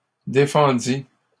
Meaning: first/second-person singular past historic of défendre
- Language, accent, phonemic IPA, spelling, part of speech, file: French, Canada, /de.fɑ̃.di/, défendis, verb, LL-Q150 (fra)-défendis.wav